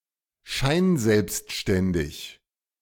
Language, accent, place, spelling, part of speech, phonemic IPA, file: German, Germany, Berlin, scheinselbstständig, adjective, /ˈʃaɪ̯nˌzɛlpstʃtɛndɪç/, De-scheinselbstständig.ogg
- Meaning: ostensibly self-employed